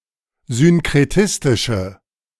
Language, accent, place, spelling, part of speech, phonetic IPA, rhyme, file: German, Germany, Berlin, synkretistische, adjective, [zʏnkʁeˈtɪstɪʃə], -ɪstɪʃə, De-synkretistische.ogg
- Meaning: inflection of synkretistisch: 1. strong/mixed nominative/accusative feminine singular 2. strong nominative/accusative plural 3. weak nominative all-gender singular